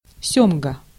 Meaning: salmon (the fish and the seafood)
- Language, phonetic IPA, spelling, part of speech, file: Russian, [ˈsʲɵmɡə], сёмга, noun, Ru-сёмга.ogg